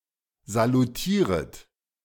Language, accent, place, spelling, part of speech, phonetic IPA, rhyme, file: German, Germany, Berlin, salutieret, verb, [zaluˈtiːʁət], -iːʁət, De-salutieret.ogg
- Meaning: second-person plural subjunctive I of salutieren